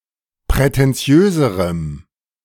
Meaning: strong dative masculine/neuter singular comparative degree of prätentiös
- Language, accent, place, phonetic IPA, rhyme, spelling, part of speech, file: German, Germany, Berlin, [pʁɛtɛnˈt͡si̯øːzəʁəm], -øːzəʁəm, prätentiöserem, adjective, De-prätentiöserem.ogg